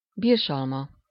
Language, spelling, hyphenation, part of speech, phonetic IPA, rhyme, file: Hungarian, birsalma, birs‧al‧ma, noun, [ˈbirʃɒlmɒ], -mɒ, Hu-birsalma.ogg
- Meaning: quince (fruit)